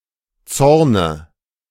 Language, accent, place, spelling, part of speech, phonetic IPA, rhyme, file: German, Germany, Berlin, Zorne, noun, [ˈt͡sɔʁnə], -ɔʁnə, De-Zorne.ogg
- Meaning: dative of Zorn